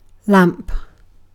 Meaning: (noun) 1. A device that generates light, heat, or other electromagnetic radiation. Especially an electric light bulb 2. A device containing oil, burnt through a wick for illumination; an oil lamp
- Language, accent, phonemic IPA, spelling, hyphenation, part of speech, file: English, UK, /ˈlæ̞mp/, lamp, lamp, noun / verb, En-uk-lamp.ogg